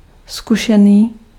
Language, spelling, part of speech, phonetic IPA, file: Czech, zkušený, adjective, [ˈskuʃɛniː], Cs-zkušený.ogg
- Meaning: experienced (having experience and skill)